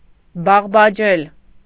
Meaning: alternative form of բարբաջել (barbaǰel)
- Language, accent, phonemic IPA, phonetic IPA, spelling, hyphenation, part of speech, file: Armenian, Eastern Armenian, /bɑʁbɑˈd͡ʒel/, [bɑʁbɑd͡ʒél], բաղբաջել, բաղ‧բա‧ջել, verb, Hy-բաղբաջել.ogg